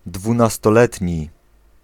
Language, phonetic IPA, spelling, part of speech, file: Polish, [ˌdvũnastɔˈlɛtʲɲi], dwunastoletni, adjective, Pl-dwunastoletni.ogg